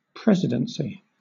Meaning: 1. The office or role of president 2. The bureaucratic organization and governmental initiatives devolving directly from the president
- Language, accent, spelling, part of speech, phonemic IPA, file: English, Southern England, presidency, noun, /ˈpɹɛzɪdənsi/, LL-Q1860 (eng)-presidency.wav